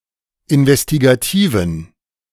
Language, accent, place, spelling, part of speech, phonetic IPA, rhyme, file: German, Germany, Berlin, investigativen, adjective, [ɪnvɛstiɡaˈtiːvn̩], -iːvn̩, De-investigativen.ogg
- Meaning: inflection of investigativ: 1. strong genitive masculine/neuter singular 2. weak/mixed genitive/dative all-gender singular 3. strong/weak/mixed accusative masculine singular 4. strong dative plural